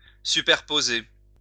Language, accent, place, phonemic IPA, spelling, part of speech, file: French, France, Lyon, /sy.pɛʁ.po.ze/, superposer, verb, LL-Q150 (fra)-superposer.wav
- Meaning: to superimpose, overlay